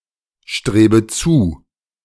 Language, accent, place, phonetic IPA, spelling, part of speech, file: German, Germany, Berlin, [ˌʃtʁeːbə ˈt͡suː], strebe zu, verb, De-strebe zu.ogg
- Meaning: inflection of zustreben: 1. first-person singular present 2. first/third-person singular subjunctive I 3. singular imperative